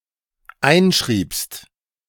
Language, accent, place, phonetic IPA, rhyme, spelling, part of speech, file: German, Germany, Berlin, [ˈaɪ̯nˌʃʁiːpst], -aɪ̯nʃʁiːpst, einschriebst, verb, De-einschriebst.ogg
- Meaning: second-person singular dependent preterite of einschreiben